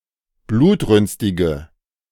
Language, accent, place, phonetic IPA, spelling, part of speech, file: German, Germany, Berlin, [ˈbluːtˌʁʏnstɪɡə], blutrünstige, adjective, De-blutrünstige.ogg
- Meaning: inflection of blutrünstig: 1. strong/mixed nominative/accusative feminine singular 2. strong nominative/accusative plural 3. weak nominative all-gender singular